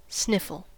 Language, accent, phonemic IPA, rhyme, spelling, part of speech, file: English, US, /ˈsnɪf.əl/, -ɪfəl, sniffle, verb / noun, En-us-sniffle.ogg
- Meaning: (verb) 1. To make a whimpering or sniffing sound when breathing, because of a runny nose 2. To utter with a whimpering or sniffing sound